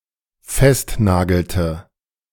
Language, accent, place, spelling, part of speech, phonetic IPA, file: German, Germany, Berlin, festnagelte, verb, [ˈfɛstˌnaːɡl̩tə], De-festnagelte.ogg
- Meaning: inflection of festnageln: 1. first/third-person singular dependent preterite 2. first/third-person singular dependent subjunctive II